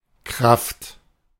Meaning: 1. power, force, strength 2. force 3. force (soldier) 4. worker, employee
- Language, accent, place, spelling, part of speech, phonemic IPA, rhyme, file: German, Germany, Berlin, Kraft, noun, /kʁaft/, -aft, De-Kraft.ogg